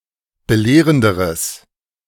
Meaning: strong/mixed nominative/accusative neuter singular comparative degree of belehrend
- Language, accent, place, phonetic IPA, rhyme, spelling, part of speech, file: German, Germany, Berlin, [bəˈleːʁəndəʁəs], -eːʁəndəʁəs, belehrenderes, adjective, De-belehrenderes.ogg